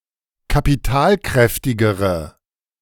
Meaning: inflection of kapitalkräftig: 1. strong/mixed nominative/accusative feminine singular comparative degree 2. strong nominative/accusative plural comparative degree
- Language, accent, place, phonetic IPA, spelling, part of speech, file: German, Germany, Berlin, [kapiˈtaːlˌkʁɛftɪɡəʁə], kapitalkräftigere, adjective, De-kapitalkräftigere.ogg